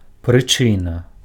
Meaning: reason, cause
- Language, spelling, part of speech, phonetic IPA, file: Belarusian, прычына, noun, [prɨˈt͡ʂɨna], Be-прычына.ogg